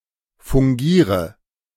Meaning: inflection of fungieren: 1. first-person singular present 2. first/third-person singular subjunctive I 3. singular imperative
- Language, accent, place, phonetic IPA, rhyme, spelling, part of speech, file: German, Germany, Berlin, [fʊŋˈɡiːʁə], -iːʁə, fungiere, verb, De-fungiere.ogg